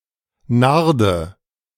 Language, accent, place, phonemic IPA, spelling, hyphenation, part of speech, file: German, Germany, Berlin, /ˈnardə/, Narde, Nar‧de, noun, De-Narde.ogg
- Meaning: nard, spikenard